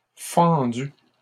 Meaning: feminine plural of fendu
- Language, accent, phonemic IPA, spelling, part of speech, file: French, Canada, /fɑ̃.dy/, fendues, verb, LL-Q150 (fra)-fendues.wav